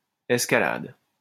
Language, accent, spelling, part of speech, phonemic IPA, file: French, France, escalade, noun / verb, /ɛs.ka.lad/, LL-Q150 (fra)-escalade.wav
- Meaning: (noun) 1. climbing 2. escalation; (verb) inflection of escalader: 1. first/third-person singular present indicative/subjunctive 2. second-person singular imperative